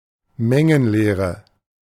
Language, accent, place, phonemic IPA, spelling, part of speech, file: German, Germany, Berlin, /ˈmɛŋənˌleːʁə/, Mengenlehre, noun, De-Mengenlehre.ogg
- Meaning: set theory (mathematical theory of sets)